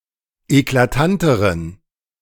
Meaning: inflection of eklatant: 1. strong genitive masculine/neuter singular comparative degree 2. weak/mixed genitive/dative all-gender singular comparative degree
- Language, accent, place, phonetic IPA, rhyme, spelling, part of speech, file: German, Germany, Berlin, [eklaˈtantəʁən], -antəʁən, eklatanteren, adjective, De-eklatanteren.ogg